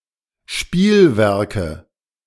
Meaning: 1. nominative/accusative/genitive plural of Spielwerk 2. dative singular of Spielwerk
- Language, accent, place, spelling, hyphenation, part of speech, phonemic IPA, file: German, Germany, Berlin, Spielwerke, Spiel‧wer‧ke, noun, /ˈʃpiːlˌvɛʁkə/, De-Spielwerke.ogg